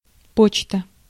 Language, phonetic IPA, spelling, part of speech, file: Russian, [ˈpot͡ɕtə], почта, noun, Ru-почта.ogg
- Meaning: 1. mail (U.S.), post (GB) 2. post office